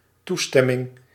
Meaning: permission, authorization
- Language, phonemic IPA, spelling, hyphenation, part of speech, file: Dutch, /ˈtuˌstɛ.mɪŋ/, toestemming, toe‧stem‧ming, noun, Nl-toestemming.ogg